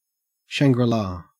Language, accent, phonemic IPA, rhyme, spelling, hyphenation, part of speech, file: English, Australia, /ˌʃæŋɡɹɪˈlɑː/, -ɑː, Shangri-La, Shan‧gri-La, noun / proper noun, En-au-Shangri-La.ogg
- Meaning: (noun) A place or land of complete bliss, delight, and peace, especially one seen as an escape from ordinary life; a paradise